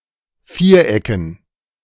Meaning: dative plural of Viereck
- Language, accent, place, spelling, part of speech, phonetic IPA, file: German, Germany, Berlin, Vierecken, noun, [ˈfiːɐ̯ˌʔɛkn̩], De-Vierecken.ogg